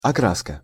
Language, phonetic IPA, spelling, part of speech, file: Russian, [ɐˈkraskə], окраска, noun, Ru-окраска.ogg
- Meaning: 1. colouring/coloring, painting, dyeing 2. colouring/coloring, colouration/coloration, colour/color 3. tinge, tint